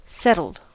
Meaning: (adjective) 1. Comfortable and at ease, especially after a period of change or unrest 2. Not of Romani, Sinti, Gypsy, or Traveller ethnicity; not of an itinerant ethnic group
- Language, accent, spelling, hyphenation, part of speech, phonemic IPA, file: English, US, settled, set‧tled, adjective / verb, /ˈsɛtl̩d/, En-us-settled.ogg